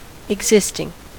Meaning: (verb) present participle and gerund of exist; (adjective) That exists, or has existence, especially that exists now
- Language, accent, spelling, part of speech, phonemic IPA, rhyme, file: English, US, existing, verb / adjective, /ɪɡˈzɪstɪŋ/, -ɪstɪŋ, En-us-existing.ogg